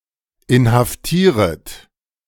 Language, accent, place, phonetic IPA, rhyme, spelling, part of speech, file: German, Germany, Berlin, [ɪnhafˈtiːʁət], -iːʁət, inhaftieret, verb, De-inhaftieret.ogg
- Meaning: second-person plural subjunctive I of inhaftieren